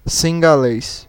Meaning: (adjective) Sinhalese (of or relating to the majority ethnic group of Sri Lanka, their Indo-Aryan language, or their culture); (noun) Sinhalese (member of the major ethnic group of Sri Lanka)
- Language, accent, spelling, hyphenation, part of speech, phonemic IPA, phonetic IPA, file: Portuguese, Brazil, cingalês, cin‧ga‧lês, adjective / noun, /sĩ.ɡaˈle(j)s/, [sĩ.ɡaˈle(ɪ̯)s], Pt-br-cingalês.ogg